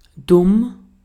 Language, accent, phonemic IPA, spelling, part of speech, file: German, Austria, /dʊm/, dumm, adjective, De-at-dumm.ogg
- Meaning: dumb, stupid